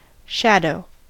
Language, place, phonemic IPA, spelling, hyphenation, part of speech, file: English, California, /ˈʃædoʊ̯/, shadow, shad‧ow, noun / adjective / verb, En-us-shadow.ogg
- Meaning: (noun) A dark image projected onto a surface where light (or other radiation) is blocked by the shade of an object